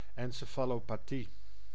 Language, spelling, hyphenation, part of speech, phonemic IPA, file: Dutch, encefalopathie, en‧ce‧fa‧lo‧pa‧thie, noun, /ɛnseːfaːloːpaːˈti/, Nl-encefalopathie.ogg
- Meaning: encephalopathy (condition affecting the brain)